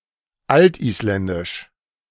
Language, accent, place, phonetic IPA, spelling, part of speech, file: German, Germany, Berlin, [ˈaltʔiːsˌlɛndɪʃ], altisländisch, adjective, De-altisländisch.ogg
- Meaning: Old Icelandic (related to the Old Icelandic language)